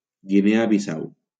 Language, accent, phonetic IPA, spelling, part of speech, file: Catalan, Valencia, [ɡiˈne.a biˈsaw], Guinea Bissau, proper noun, LL-Q7026 (cat)-Guinea Bissau.wav
- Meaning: Guinea-Bissau (a country in West Africa)